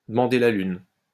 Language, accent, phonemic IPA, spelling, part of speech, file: French, France, /də.mɑ̃.de la lyn/, demander la lune, verb, LL-Q150 (fra)-demander la lune.wav
- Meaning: to ask for the moon, to ask the impossible